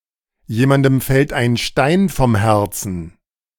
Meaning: it is a weight off one's shoulders
- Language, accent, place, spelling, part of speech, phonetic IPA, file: German, Germany, Berlin, jemandem fällt ein Stein vom Herzen, phrase, [ˈjeːmandm̩ ˌʃɛlt aɪ̯n ˈʃtaɪ̯n fɔm ˈhɛʁt͡sn̩], De-jemandem fällt ein Stein vom Herzen.ogg